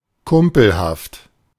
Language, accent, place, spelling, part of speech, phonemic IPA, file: German, Germany, Berlin, kumpelhaft, adjective, /ˈkʊmpl̩haft/, De-kumpelhaft.ogg
- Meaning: chummy, friendly, pally